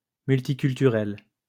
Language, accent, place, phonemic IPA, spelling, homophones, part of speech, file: French, France, Lyon, /myl.ti.kyl.ty.ʁɛl/, multiculturel, multiculturelle / multiculturelles / multiculturels, adjective, LL-Q150 (fra)-multiculturel.wav
- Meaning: multicultural